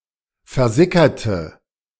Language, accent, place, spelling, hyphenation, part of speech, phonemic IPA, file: German, Germany, Berlin, versickerte, ver‧si‧cker‧te, verb, /fɛɐ̯ˈzɪkɐtə/, De-versickerte.ogg
- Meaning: inflection of versickern: 1. first/third-person singular preterite 2. first/third-person singular subjunctive II